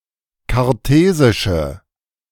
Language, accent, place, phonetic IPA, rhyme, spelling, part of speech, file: German, Germany, Berlin, [kaʁˈteːzɪʃə], -eːzɪʃə, kartesische, adjective, De-kartesische.ogg
- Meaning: inflection of kartesisch: 1. strong/mixed nominative/accusative feminine singular 2. strong nominative/accusative plural 3. weak nominative all-gender singular